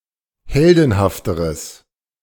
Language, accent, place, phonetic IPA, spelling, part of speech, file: German, Germany, Berlin, [ˈhɛldn̩haftəʁəs], heldenhafteres, adjective, De-heldenhafteres.ogg
- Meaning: strong/mixed nominative/accusative neuter singular comparative degree of heldenhaft